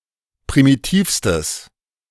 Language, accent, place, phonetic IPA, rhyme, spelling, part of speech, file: German, Germany, Berlin, [pʁimiˈtiːfstəs], -iːfstəs, primitivstes, adjective, De-primitivstes.ogg
- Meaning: strong/mixed nominative/accusative neuter singular superlative degree of primitiv